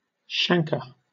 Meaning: Skin lesion, sometimes associated with certain contagious diseases such as syphilis
- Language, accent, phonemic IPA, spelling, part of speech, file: English, Southern England, /ˈʃæŋ.kɚ/, chancre, noun, LL-Q1860 (eng)-chancre.wav